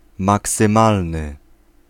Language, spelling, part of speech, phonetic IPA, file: Polish, maksymalny, adjective, [ˌmaksɨ̃ˈmalnɨ], Pl-maksymalny.ogg